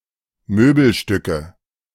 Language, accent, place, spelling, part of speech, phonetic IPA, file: German, Germany, Berlin, Möbelstücke, noun, [ˈmøːbl̩ˌʃtʏkə], De-Möbelstücke.ogg
- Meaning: nominative/accusative/genitive plural of Möbelstück